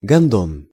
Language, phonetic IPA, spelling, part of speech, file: Russian, [ɡɐnˈdon], гандон, noun, Ru-гандон.ogg
- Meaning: alternative form of гондо́н (gondón)